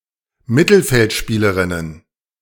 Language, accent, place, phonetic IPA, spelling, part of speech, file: German, Germany, Berlin, [ˈmɪtl̩fɛltˌʃpiːləʁɪnən], Mittelfeldspielerinnen, noun, De-Mittelfeldspielerinnen.ogg
- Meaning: plural of Mittelfeldspielerin